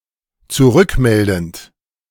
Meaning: present participle of zurückmelden
- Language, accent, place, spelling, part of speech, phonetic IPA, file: German, Germany, Berlin, zurückmeldend, verb, [t͡suˈʁʏkˌmɛldn̩t], De-zurückmeldend.ogg